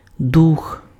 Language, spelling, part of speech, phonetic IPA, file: Ukrainian, дух, noun, [dux], Uk-дух.ogg
- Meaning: 1. spirit 2. ghost